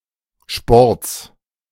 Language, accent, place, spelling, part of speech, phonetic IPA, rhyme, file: German, Germany, Berlin, Sports, noun, [ʃpɔʁt͡s], -ɔʁt͡s, De-Sports.ogg
- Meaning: genitive singular of Sport